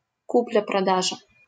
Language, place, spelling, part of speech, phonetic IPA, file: Russian, Saint Petersburg, купля-продажа, noun, [ˈkuplʲə prɐˈdaʐə], LL-Q7737 (rus)-купля-продажа.wav
- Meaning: purchase and sale as qualified in Civil Code of Russia